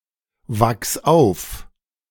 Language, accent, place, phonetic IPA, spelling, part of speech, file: German, Germany, Berlin, [ˌvaks ˈaʊ̯f], wachs auf, verb, De-wachs auf.ogg
- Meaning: singular imperative of aufwachsen